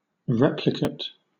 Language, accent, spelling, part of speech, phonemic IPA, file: English, Southern England, replicate, noun, /ˈɹɛpləkət/, LL-Q1860 (eng)-replicate.wav
- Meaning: 1. The outcome of a replication procedure; an exact copy or replica 2. A tone that is one or more octaves away from a given tone